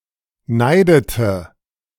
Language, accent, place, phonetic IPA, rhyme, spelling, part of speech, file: German, Germany, Berlin, [ˈnaɪ̯dətə], -aɪ̯dətə, neidete, verb, De-neidete.ogg
- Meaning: inflection of neiden: 1. first/third-person singular preterite 2. first/third-person singular subjunctive II